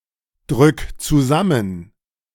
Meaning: 1. singular imperative of zusammendrücken 2. first-person singular present of zusammendrücken
- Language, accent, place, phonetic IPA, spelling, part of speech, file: German, Germany, Berlin, [ˌdʁʏk t͡suˈzamən], drück zusammen, verb, De-drück zusammen.ogg